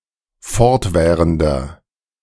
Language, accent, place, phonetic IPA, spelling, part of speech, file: German, Germany, Berlin, [ˈfɔʁtˌvɛːʁəndɐ], fortwährender, adjective, De-fortwährender.ogg
- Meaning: inflection of fortwährend: 1. strong/mixed nominative masculine singular 2. strong genitive/dative feminine singular 3. strong genitive plural